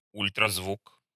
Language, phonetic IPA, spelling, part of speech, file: Russian, [ˌulʲtrɐzˈvuk], ультразвук, noun, Ru-ультразвук.ogg
- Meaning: ultrasound (sound with a frequency greater than the upper limit of human hearing)